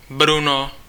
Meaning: a male given name, equivalent to English Bruno
- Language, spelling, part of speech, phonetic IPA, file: Czech, Bruno, proper noun, [ˈbruno], Cs-Bruno.ogg